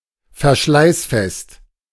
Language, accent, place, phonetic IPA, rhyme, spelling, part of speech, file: German, Germany, Berlin, [fɛɐ̯ˈʃlaɪ̯sˌfɛst], -aɪ̯sfɛst, verschleißfest, adjective, De-verschleißfest.ogg
- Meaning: hard-wearing, wear-resistant